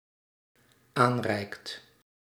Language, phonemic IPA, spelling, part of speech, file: Dutch, /ˈanrɛikt/, aanreikt, verb, Nl-aanreikt.ogg
- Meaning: second/third-person singular dependent-clause present indicative of aanreiken